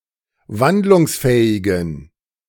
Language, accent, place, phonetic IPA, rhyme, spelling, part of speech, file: German, Germany, Berlin, [ˈvandlʊŋsˌfɛːɪɡn̩], -andlʊŋsfɛːɪɡn̩, wandlungsfähigen, adjective, De-wandlungsfähigen.ogg
- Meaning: inflection of wandlungsfähig: 1. strong genitive masculine/neuter singular 2. weak/mixed genitive/dative all-gender singular 3. strong/weak/mixed accusative masculine singular 4. strong dative plural